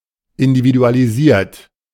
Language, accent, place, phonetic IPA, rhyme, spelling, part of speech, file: German, Germany, Berlin, [ɪndividualiˈziːɐ̯t], -iːɐ̯t, individualisiert, verb, De-individualisiert.ogg
- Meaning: 1. past participle of individualisieren 2. inflection of individualisieren: third-person singular present 3. inflection of individualisieren: second-person plural present